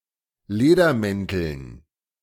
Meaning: dative plural of Ledermantel
- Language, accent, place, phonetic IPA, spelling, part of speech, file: German, Germany, Berlin, [ˈleːdɐˌmɛntl̩n], Ledermänteln, noun, De-Ledermänteln.ogg